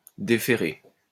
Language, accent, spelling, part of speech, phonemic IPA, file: French, France, déférer, verb, /de.fe.ʁe/, LL-Q150 (fra)-déférer.wav
- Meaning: 1. to remand 2. to grant; to bestow; to confer (upon); to award 3. to bring (before); to refer (to); to submit